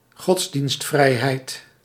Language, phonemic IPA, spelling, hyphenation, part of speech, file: Dutch, /ˈɣɔts.dinstˌvrɛi̯.ɦɛi̯t/, godsdienstvrijheid, gods‧dienst‧vrij‧heid, noun, Nl-godsdienstvrijheid.ogg
- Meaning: freedom of religion